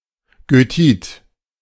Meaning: goethite
- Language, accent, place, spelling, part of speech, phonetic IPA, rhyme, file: German, Germany, Berlin, Goethit, noun, [ɡøˈtiːt], -iːt, De-Goethit.ogg